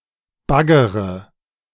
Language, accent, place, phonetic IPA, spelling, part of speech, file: German, Germany, Berlin, [ˈbaɡəʁə], baggere, verb, De-baggere.ogg
- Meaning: inflection of baggern: 1. first-person singular present 2. first-person plural subjunctive I 3. third-person singular subjunctive I 4. singular imperative